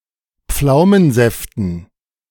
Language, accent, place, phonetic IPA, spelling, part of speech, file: German, Germany, Berlin, [ˈp͡flaʊ̯mənˌzɛftn̩], Pflaumensäften, noun, De-Pflaumensäften.ogg
- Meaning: dative plural of Pflaumensaft